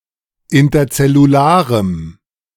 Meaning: strong dative masculine/neuter singular of interzellular
- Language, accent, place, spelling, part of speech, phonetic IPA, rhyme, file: German, Germany, Berlin, interzellularem, adjective, [ɪntɐt͡sɛluˈlaːʁəm], -aːʁəm, De-interzellularem.ogg